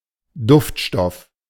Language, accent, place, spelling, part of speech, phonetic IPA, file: German, Germany, Berlin, Duftstoff, noun, [ˈdʊftˌʃtɔf], De-Duftstoff.ogg
- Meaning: perfume, scent, fragrance (aromatic substance)